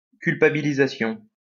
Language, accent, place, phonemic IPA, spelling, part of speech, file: French, France, Lyon, /kyl.pa.bi.li.za.sjɔ̃/, culpabilisation, noun, LL-Q150 (fra)-culpabilisation.wav
- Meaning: 1. a feeling of culpability, guilt 2. an instance of inducing guilt, a guilt trip